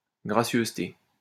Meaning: courtesy
- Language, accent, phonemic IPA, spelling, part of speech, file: French, France, /ɡʁa.sjøz.te/, gracieuseté, noun, LL-Q150 (fra)-gracieuseté.wav